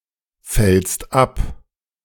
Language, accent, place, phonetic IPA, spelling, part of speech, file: German, Germany, Berlin, [ˌfɛlst ˈap], fällst ab, verb, De-fällst ab.ogg
- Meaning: second-person singular present of abfallen